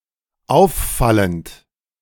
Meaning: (verb) present participle of auffallen; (adjective) conspicuous; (adverb) conspicuously, remarkably
- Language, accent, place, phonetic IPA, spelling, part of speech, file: German, Germany, Berlin, [ˈaʊ̯fˌfalənt], auffallend, adjective / verb, De-auffallend.ogg